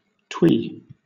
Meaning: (adjective) Overly quaint, dainty, cute or nice; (noun) Ellipsis of twee pop
- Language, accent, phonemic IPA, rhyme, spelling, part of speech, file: English, Southern England, /twiː/, -iː, twee, adjective / noun, LL-Q1860 (eng)-twee.wav